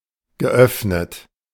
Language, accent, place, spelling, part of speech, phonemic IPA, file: German, Germany, Berlin, geöffnet, verb / adjective, /ɡəˈʔœfnət/, De-geöffnet.ogg
- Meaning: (verb) past participle of öffnen; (adjective) open